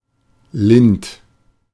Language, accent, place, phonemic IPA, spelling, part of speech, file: German, Germany, Berlin, /lɪnt/, lind, adjective, De-lind.ogg
- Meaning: mild, gentle